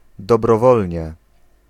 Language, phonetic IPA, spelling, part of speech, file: Polish, [ˌdɔbrɔˈvɔlʲɲɛ], dobrowolnie, adverb, Pl-dobrowolnie.ogg